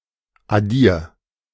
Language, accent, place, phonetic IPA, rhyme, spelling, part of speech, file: German, Germany, Berlin, [aˈdiːɐ̯], -iːɐ̯, addier, verb, De-addier.ogg
- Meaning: 1. singular imperative of addieren 2. first-person singular present of addieren